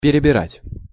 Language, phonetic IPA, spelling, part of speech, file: Russian, [pʲɪrʲɪbʲɪˈratʲ], перебирать, verb, Ru-перебирать.ogg
- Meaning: 1. to sort out, to look through 2. to finger (strings of a string musical instrument) 3. to take in excess, to take too much 4. to recall, to turn over in one's mind 5. to be picky, to be choosy